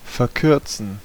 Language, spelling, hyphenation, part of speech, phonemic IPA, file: German, verkürzen, ver‧kür‧zen, verb, /fɛɐ̯ˈkʏʁt͡sən/, De-verkürzen.ogg
- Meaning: 1. to shorten 2. to shorten (become shorter) 3. to reduce (in distance, duration, quantity)